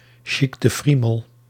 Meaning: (adjective) posh; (interjection) An expression of amazement
- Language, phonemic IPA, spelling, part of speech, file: Dutch, /ˌʃik də ˈfri.məl/, chic de friemel, adjective / interjection, Nl-chic de friemel.ogg